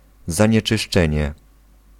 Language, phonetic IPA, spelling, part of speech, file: Polish, [ˌzãɲɛt͡ʃɨʃˈt͡ʃɛ̃ɲɛ], zanieczyszczenie, noun, Pl-zanieczyszczenie.ogg